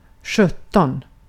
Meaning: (numeral) seventeen; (interjection) Used in place of various taboo words
- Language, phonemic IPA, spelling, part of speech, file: Swedish, /ˈɧɵˌtɔn/, sjutton, numeral / interjection, Sv-sjutton.ogg